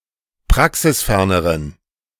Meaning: inflection of praxisfern: 1. strong genitive masculine/neuter singular comparative degree 2. weak/mixed genitive/dative all-gender singular comparative degree
- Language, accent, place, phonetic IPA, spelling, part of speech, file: German, Germany, Berlin, [ˈpʁaksɪsˌfɛʁnəʁən], praxisferneren, adjective, De-praxisferneren.ogg